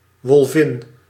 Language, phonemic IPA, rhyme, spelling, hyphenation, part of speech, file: Dutch, /ʋɔlˈvɪn/, -ɪn, wolvin, wol‧vin, noun, Nl-wolvin.ogg
- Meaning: she-wolf, female wolf